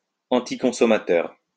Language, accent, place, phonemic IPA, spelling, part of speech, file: French, France, Lyon, /ɑ̃.ti.kɔ̃.sɔ.ma.tœʁ/, anticonsommateur, adjective, LL-Q150 (fra)-anticonsommateur.wav
- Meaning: anticonsumerist